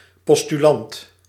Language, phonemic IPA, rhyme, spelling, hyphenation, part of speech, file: Dutch, /ˌpɔs.tyˈlɑnt/, -ɑnt, postulant, pos‧tu‧lant, noun, Nl-postulant.ogg
- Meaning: postulant